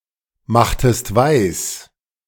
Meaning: inflection of weismachen: 1. second-person singular preterite 2. second-person singular subjunctive II
- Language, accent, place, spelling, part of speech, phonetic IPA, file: German, Germany, Berlin, machtest weis, verb, [ˌmaxtəst ˈvaɪ̯s], De-machtest weis.ogg